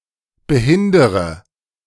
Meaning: inflection of behindern: 1. first-person singular present 2. first/third-person singular subjunctive I 3. singular imperative
- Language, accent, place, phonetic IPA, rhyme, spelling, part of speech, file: German, Germany, Berlin, [bəˈhɪndəʁə], -ɪndəʁə, behindere, verb, De-behindere.ogg